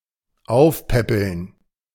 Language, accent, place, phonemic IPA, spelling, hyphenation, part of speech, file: German, Germany, Berlin, /ˈaʊ̯fˌpɛpl̩n/, aufpäppeln, auf‧päp‧peln, verb, De-aufpäppeln.ogg
- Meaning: 1. to feed up 2. to revitalize